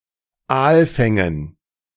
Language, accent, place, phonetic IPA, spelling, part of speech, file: German, Germany, Berlin, [ˈaːlˌfɛŋən], Aalfängen, noun, De-Aalfängen.ogg
- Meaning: dative plural of Aalfang